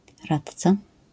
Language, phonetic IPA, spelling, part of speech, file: Polish, [ˈratt͡sa], radca, noun, LL-Q809 (pol)-radca.wav